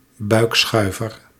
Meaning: 1. moped with low handlebars 2. belly slide
- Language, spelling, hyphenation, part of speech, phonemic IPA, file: Dutch, buikschuiver, buik‧schui‧ver, noun, /ˈbœy̯kˌsxœy̯.vər/, Nl-buikschuiver.ogg